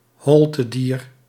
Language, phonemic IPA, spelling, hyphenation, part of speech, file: Dutch, /ˈɦɔl.təˌdiːr/, holtedier, hol‧te‧dier, noun, Nl-holtedier.ogg
- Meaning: a coelenterate, animal of the (dated) phylum Coelenterata